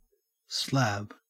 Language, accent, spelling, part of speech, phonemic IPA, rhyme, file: English, Australia, slab, noun / verb / adjective, /slæb/, -æb, En-au-slab.ogg
- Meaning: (noun) 1. A large, flat piece of solid material; a solid object that is large and flat 2. A paving stone; a flagstone 3. A carton containing 24 cans (chiefly of beer)